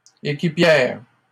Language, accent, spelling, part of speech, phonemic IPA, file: French, Canada, équipière, noun, /e.ki.pjɛʁ/, LL-Q150 (fra)-équipière.wav
- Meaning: female equivalent of équipier